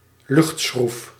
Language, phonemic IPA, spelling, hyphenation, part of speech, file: Dutch, /ˈlʏxt.sxruf/, luchtschroef, lucht‧schroef, noun, Nl-luchtschroef.ogg
- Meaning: 1. a propeller that operates in air (as a medium) 2. an Archimedes' screw that moves air, used for ventilation